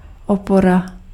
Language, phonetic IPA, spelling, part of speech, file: Czech, [ˈopora], opora, noun, Cs-opora.ogg
- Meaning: support